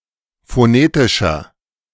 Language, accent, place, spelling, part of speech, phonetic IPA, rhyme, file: German, Germany, Berlin, phonetischer, adjective, [foˈneːtɪʃɐ], -eːtɪʃɐ, De-phonetischer.ogg
- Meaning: inflection of phonetisch: 1. strong/mixed nominative masculine singular 2. strong genitive/dative feminine singular 3. strong genitive plural